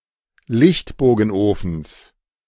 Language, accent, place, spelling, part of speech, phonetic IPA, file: German, Germany, Berlin, Lichtbogenofens, noun, [ˈlɪçtboːɡn̩ˌʔoːfn̩s], De-Lichtbogenofens.ogg
- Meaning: genitive singular of Lichtbogenofen